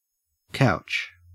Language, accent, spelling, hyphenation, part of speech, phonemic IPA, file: English, Australia, couch, couch, noun / verb, /ˈkæʊ̯t͡ʃ/, En-au-couch.ogg
- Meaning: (noun) 1. An item of furniture, often upholstered, for the comfortable seating of more than one person; a sofa 2. A bed, a resting-place 3. The den of an otter